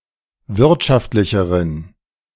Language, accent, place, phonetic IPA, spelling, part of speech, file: German, Germany, Berlin, [ˈvɪʁtʃaftlɪçəʁən], wirtschaftlicheren, adjective, De-wirtschaftlicheren.ogg
- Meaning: inflection of wirtschaftlich: 1. strong genitive masculine/neuter singular comparative degree 2. weak/mixed genitive/dative all-gender singular comparative degree